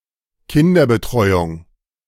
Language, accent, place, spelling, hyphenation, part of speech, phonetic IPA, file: German, Germany, Berlin, Kinderbetreuung, Kin‧der‧be‧treu‧ung, noun, [ˈkɪndɐbəˌtʁɔɪ̯ʊŋ], De-Kinderbetreuung.ogg
- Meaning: childcare